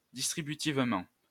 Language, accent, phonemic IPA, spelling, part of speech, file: French, France, /dis.tʁi.by.tiv.mɑ̃/, distributivement, adverb, LL-Q150 (fra)-distributivement.wav
- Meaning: distributively